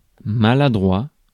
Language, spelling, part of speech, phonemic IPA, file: French, maladroit, adjective, /ma.la.dʁwa/, Fr-maladroit.ogg
- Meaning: awkward; clumsy; maladroit